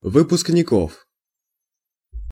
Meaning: genitive/accusative plural of выпускни́к (vypuskník)
- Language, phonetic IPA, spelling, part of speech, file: Russian, [vɨpʊsknʲɪˈkof], выпускников, noun, Ru-выпускников.ogg